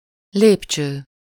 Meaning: stair, staircase
- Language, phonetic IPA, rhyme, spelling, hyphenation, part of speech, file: Hungarian, [ˈleːpt͡ʃøː], -t͡ʃøː, lépcső, lép‧cső, noun, Hu-lépcső.ogg